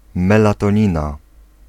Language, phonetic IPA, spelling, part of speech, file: Polish, [ˌmɛlatɔ̃ˈɲĩna], melatonina, noun, Pl-melatonina.ogg